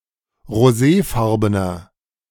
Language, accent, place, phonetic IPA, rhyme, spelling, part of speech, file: German, Germany, Berlin, [ʁoˈzeːˌfaʁbənɐ], -eːfaʁbənɐ, roséfarbener, adjective, De-roséfarbener.ogg
- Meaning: inflection of roséfarben: 1. strong/mixed nominative masculine singular 2. strong genitive/dative feminine singular 3. strong genitive plural